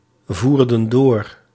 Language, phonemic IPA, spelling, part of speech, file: Dutch, /ˈvurdə(n) ˈdor/, voerden door, verb, Nl-voerden door.ogg
- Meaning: inflection of doorvoeren: 1. plural past indicative 2. plural past subjunctive